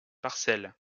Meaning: parcel (piece of land)
- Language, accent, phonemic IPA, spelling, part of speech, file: French, France, /paʁ.sɛl/, parcelle, noun, LL-Q150 (fra)-parcelle.wav